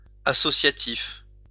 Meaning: 1. associative (algebraic property of an operator) 2. association; associative
- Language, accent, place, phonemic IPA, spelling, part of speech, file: French, France, Lyon, /a.sɔ.sja.tif/, associatif, adjective, LL-Q150 (fra)-associatif.wav